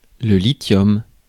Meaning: lithium
- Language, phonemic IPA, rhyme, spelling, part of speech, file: French, /li.tjɔm/, -ɔm, lithium, noun, Fr-lithium.ogg